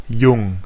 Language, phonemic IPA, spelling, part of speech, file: German, /jʊŋ(k)/, jung, adjective, De-jung.ogg
- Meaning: young